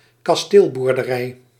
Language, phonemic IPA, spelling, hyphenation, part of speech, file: Dutch, /kɑsˈteːl.bur.dəˈrɛi̯/, kasteelboerderij, kas‧teel‧boer‧de‧rij, noun, Nl-kasteelboerderij.ogg
- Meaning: castle farm (farm leased or operated by a liege)